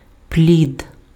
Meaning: 1. fruit 2. fetus
- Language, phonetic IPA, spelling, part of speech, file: Ukrainian, [plʲid], плід, noun, Uk-плід.ogg